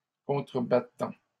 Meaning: present participle of contrebattre
- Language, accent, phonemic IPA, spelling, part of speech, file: French, Canada, /kɔ̃.tʁə.ba.tɑ̃/, contrebattant, verb, LL-Q150 (fra)-contrebattant.wav